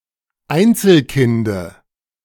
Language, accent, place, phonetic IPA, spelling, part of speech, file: German, Germany, Berlin, [ˈaɪ̯nt͡sl̩ˌkɪndə], Einzelkinde, noun, De-Einzelkinde.ogg
- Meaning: dative singular of Einzelkind